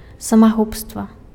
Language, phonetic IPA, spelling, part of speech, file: Belarusian, [samaˈɣupstva], самагубства, noun, Be-самагубства.ogg
- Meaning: suicide